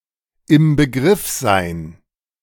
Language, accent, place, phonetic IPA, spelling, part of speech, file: German, Germany, Berlin, [ɪm bəˈɡʁɪf zaɪ̯n], im Begriff sein, verb, De-im Begriff sein.ogg
- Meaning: to want to begin doing something now; to be about to